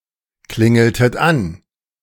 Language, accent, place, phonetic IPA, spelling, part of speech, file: German, Germany, Berlin, [ˌklɪŋl̩tət ˈan], klingeltet an, verb, De-klingeltet an.ogg
- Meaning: inflection of anklingeln: 1. second-person plural preterite 2. second-person plural subjunctive II